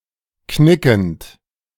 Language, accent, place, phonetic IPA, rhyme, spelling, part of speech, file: German, Germany, Berlin, [ˈknɪkn̩t], -ɪkn̩t, knickend, verb, De-knickend.ogg
- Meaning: present participle of knicken